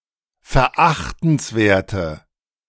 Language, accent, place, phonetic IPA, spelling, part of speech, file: German, Germany, Berlin, [fɛɐ̯ˈʔaxtn̩sˌveːɐ̯tə], verachtenswerte, adjective, De-verachtenswerte.ogg
- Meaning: inflection of verachtenswert: 1. strong/mixed nominative/accusative feminine singular 2. strong nominative/accusative plural 3. weak nominative all-gender singular